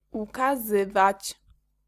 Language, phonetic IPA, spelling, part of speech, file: Polish, [ˌukaˈzɨvat͡ɕ], ukazywać, verb, Pl-ukazywać.ogg